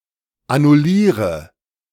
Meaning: inflection of annullieren: 1. first-person singular present 2. singular imperative 3. first/third-person singular subjunctive I
- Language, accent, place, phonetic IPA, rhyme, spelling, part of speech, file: German, Germany, Berlin, [anʊˈliːʁə], -iːʁə, annulliere, verb, De-annulliere.ogg